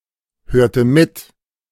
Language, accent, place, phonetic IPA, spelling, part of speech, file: German, Germany, Berlin, [ˌhøːɐ̯tə ˈmɪt], hörte mit, verb, De-hörte mit.ogg
- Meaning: inflection of mithören: 1. first/third-person singular preterite 2. first/third-person singular subjunctive II